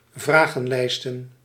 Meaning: plural of vragenlijst
- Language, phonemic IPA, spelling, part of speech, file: Dutch, /ˈvraɣə(n)ˌlɛistə(n)/, vragenlijsten, noun, Nl-vragenlijsten.ogg